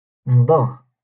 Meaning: to chew, to gum
- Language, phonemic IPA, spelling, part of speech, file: Moroccan Arabic, /mdˤaɣ/, مضغ, verb, LL-Q56426 (ary)-مضغ.wav